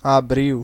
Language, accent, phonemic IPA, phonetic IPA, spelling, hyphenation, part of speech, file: Portuguese, Brazil, /aˈbɾiw/, [aˈbɾiʊ̯], abril, a‧bril, noun, Pt-br-abril.ogg
- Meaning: April